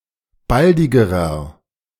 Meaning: inflection of baldig: 1. strong/mixed nominative masculine singular comparative degree 2. strong genitive/dative feminine singular comparative degree 3. strong genitive plural comparative degree
- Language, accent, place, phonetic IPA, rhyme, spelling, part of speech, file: German, Germany, Berlin, [ˈbaldɪɡəʁɐ], -aldɪɡəʁɐ, baldigerer, adjective, De-baldigerer.ogg